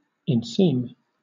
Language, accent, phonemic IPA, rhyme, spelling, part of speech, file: English, Southern England, /ɪnˈsiːm/, -iːm, inseam, verb, LL-Q1860 (eng)-inseam.wav
- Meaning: 1. To fit (trousers) with an inseam 2. To impress or mark with a seam or cicatrix